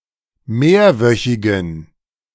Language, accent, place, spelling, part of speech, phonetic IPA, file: German, Germany, Berlin, mehrwöchigen, adjective, [ˈmeːɐ̯ˌvœçɪɡn̩], De-mehrwöchigen.ogg
- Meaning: inflection of mehrwöchig: 1. strong genitive masculine/neuter singular 2. weak/mixed genitive/dative all-gender singular 3. strong/weak/mixed accusative masculine singular 4. strong dative plural